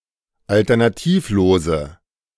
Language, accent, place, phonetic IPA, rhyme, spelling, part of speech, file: German, Germany, Berlin, [ˌaltɐnaˈtiːfˌloːzə], -iːfloːzə, alternativlose, adjective, De-alternativlose.ogg
- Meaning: inflection of alternativlos: 1. strong/mixed nominative/accusative feminine singular 2. strong nominative/accusative plural 3. weak nominative all-gender singular